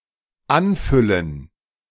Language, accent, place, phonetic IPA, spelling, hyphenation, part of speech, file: German, Germany, Berlin, [ˈanˌfʏlən], anfüllen, an‧fül‧len, verb, De-anfüllen.ogg
- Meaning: to fill up